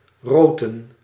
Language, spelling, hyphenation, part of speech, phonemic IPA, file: Dutch, roten, ro‧ten, verb, /ˈroː.tə(n)/, Nl-roten.ogg
- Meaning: to ret (to soak in water to prepare for further processing)